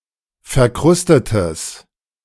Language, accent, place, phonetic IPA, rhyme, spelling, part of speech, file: German, Germany, Berlin, [fɛɐ̯ˈkʁʊstətəs], -ʊstətəs, verkrustetes, adjective, De-verkrustetes.ogg
- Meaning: strong/mixed nominative/accusative neuter singular of verkrustet